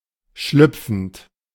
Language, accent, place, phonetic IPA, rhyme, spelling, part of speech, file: German, Germany, Berlin, [ˈʃlʏp͡fn̩t], -ʏp͡fn̩t, schlüpfend, verb, De-schlüpfend.ogg
- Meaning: present participle of schlüpfen